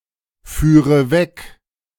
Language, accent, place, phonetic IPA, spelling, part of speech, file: German, Germany, Berlin, [ˌfyːʁə ˈvɛk], führe weg, verb, De-führe weg.ogg
- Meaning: first/third-person singular subjunctive II of wegfahren